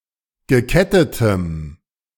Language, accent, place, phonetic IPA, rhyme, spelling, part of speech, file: German, Germany, Berlin, [ɡəˈkɛtətəm], -ɛtətəm, gekettetem, adjective, De-gekettetem.ogg
- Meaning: strong dative masculine/neuter singular of gekettet